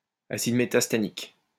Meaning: metastannic acid
- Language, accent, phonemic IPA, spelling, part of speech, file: French, France, /a.sid me.tas.ta.nik/, acide métastannique, noun, LL-Q150 (fra)-acide métastannique.wav